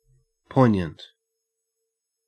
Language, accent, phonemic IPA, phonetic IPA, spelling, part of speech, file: English, Australia, /ˈpoɪ.njənt/, [ˈpoɪɲ.ənt], poignant, adjective, En-au-poignant.ogg
- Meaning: 1. Sharp-pointed; keen 2. Neat; eloquent; applicable; relevant 3. Evoking strong mental sensation, to the point of distress; emotionally moving 4. Piquant, pungent 5. Incisive; penetrating; piercing